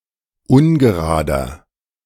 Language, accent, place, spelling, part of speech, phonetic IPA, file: German, Germany, Berlin, ungerader, adjective, [ˈʊnɡəˌʁaːdɐ], De-ungerader.ogg
- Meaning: inflection of ungerade: 1. strong/mixed nominative masculine singular 2. strong genitive/dative feminine singular 3. strong genitive plural